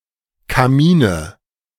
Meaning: nominative/accusative/genitive plural of Kamin
- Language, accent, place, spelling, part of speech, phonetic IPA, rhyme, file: German, Germany, Berlin, Kamine, noun, [kaˈmiːnə], -iːnə, De-Kamine.ogg